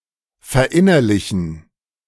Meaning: to internalize
- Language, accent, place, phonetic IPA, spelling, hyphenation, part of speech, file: German, Germany, Berlin, [fɛɐ̯ˈʔɪnɐlɪçn̩], verinnerlichen, ver‧in‧ner‧li‧chen, verb, De-verinnerlichen.ogg